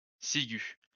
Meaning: hemlock (umbellifer)
- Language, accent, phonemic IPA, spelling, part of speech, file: French, France, /si.ɡy/, ciguë, noun, LL-Q150 (fra)-ciguë.wav